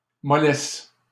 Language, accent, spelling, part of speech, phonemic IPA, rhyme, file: French, Canada, mollesse, noun, /mɔ.lɛs/, -ɛs, LL-Q150 (fra)-mollesse.wav
- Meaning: 1. softness 2. lack of vitality, limpness, feebleness, weakness, sluggishness